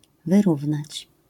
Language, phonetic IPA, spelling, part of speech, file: Polish, [vɨˈruvnat͡ɕ], wyrównać, verb, LL-Q809 (pol)-wyrównać.wav